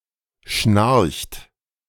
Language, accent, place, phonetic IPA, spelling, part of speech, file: German, Germany, Berlin, [ʃnaʁçt], schnarcht, verb, De-schnarcht.ogg
- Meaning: inflection of schnarchen: 1. third-person singular present 2. second-person plural present 3. plural imperative